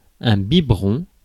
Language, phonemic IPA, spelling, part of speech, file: French, /bi.bʁɔ̃/, biberon, noun, Fr-biberon.ogg
- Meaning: baby bottle, feeding bottle